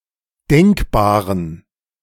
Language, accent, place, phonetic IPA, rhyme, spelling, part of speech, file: German, Germany, Berlin, [ˈdɛŋkbaːʁən], -ɛŋkbaːʁən, denkbaren, adjective, De-denkbaren.ogg
- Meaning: inflection of denkbar: 1. strong genitive masculine/neuter singular 2. weak/mixed genitive/dative all-gender singular 3. strong/weak/mixed accusative masculine singular 4. strong dative plural